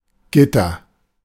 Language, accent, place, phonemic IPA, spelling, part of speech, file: German, Germany, Berlin, /ˈɡɪtɐ/, Gitter, noun, De-Gitter.ogg
- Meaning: 1. lattice, grid, mesh (of metal), grating, bars 2. lattice 3. bars (i.e. prison)